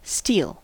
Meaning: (noun) An artificial metal produced from iron, harder and more elastic than elemental iron; used figuratively as a symbol of hardness
- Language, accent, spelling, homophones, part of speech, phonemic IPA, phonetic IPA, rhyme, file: English, US, steel, steal / stele, noun / adjective / verb / proper noun, /stiːl/, [stiːɫ], -iːl, En-us-steel.ogg